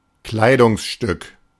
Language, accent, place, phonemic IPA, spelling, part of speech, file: German, Germany, Berlin, /ˈklaɪ̯dʊŋsˌʃtʏk/, Kleidungsstück, noun, De-Kleidungsstück.ogg
- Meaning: garment (single item of clothing)